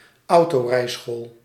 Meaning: a driving school for car-driving instruction
- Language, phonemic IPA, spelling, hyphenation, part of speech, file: Dutch, /ˈɑu̯.toːˌrɛi̯.sxoːl/, autorijschool, au‧to‧rij‧school, noun, Nl-autorijschool.ogg